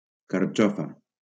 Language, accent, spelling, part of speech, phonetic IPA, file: Catalan, Valencia, carxofa, noun, [kaɾˈt͡ʃɔ.fa], LL-Q7026 (cat)-carxofa.wav
- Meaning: 1. artichoke head 2. showerhead